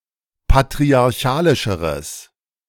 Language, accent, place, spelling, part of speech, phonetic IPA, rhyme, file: German, Germany, Berlin, patriarchalischeres, adjective, [patʁiaʁˈçaːlɪʃəʁəs], -aːlɪʃəʁəs, De-patriarchalischeres.ogg
- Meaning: strong/mixed nominative/accusative neuter singular comparative degree of patriarchalisch